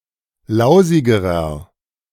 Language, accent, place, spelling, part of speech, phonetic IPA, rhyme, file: German, Germany, Berlin, lausigerer, adjective, [ˈlaʊ̯zɪɡəʁɐ], -aʊ̯zɪɡəʁɐ, De-lausigerer.ogg
- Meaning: inflection of lausig: 1. strong/mixed nominative masculine singular comparative degree 2. strong genitive/dative feminine singular comparative degree 3. strong genitive plural comparative degree